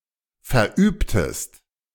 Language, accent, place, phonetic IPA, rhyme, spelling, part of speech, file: German, Germany, Berlin, [fɛɐ̯ˈʔyːptəst], -yːptəst, verübtest, verb, De-verübtest.ogg
- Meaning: inflection of verüben: 1. second-person singular preterite 2. second-person singular subjunctive II